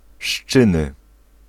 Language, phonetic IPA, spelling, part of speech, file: Polish, [ˈʃt͡ʃɨ̃nɨ], szczyny, noun, Pl-szczyny.ogg